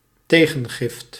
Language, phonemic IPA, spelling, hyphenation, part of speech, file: Dutch, /ˈteː.ɣə(n)ˌɣɪft/, tegengift, te‧gen‧gift, noun, Nl-tegengift.ogg
- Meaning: 1. a gift given in return 2. dated form of tegengif